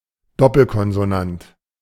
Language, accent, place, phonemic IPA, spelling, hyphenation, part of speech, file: German, Germany, Berlin, /ˈdɔpl̩kɔnzoˌnant/, Doppelkonsonant, Dop‧pel‧kon‧so‧nant, noun, De-Doppelkonsonant.ogg
- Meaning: 1. doubled consonant 2. geminate